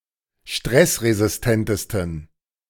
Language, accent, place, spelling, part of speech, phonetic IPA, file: German, Germany, Berlin, stressresistentesten, adjective, [ˈʃtʁɛsʁezɪsˌtɛntəstn̩], De-stressresistentesten.ogg
- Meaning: 1. superlative degree of stressresistent 2. inflection of stressresistent: strong genitive masculine/neuter singular superlative degree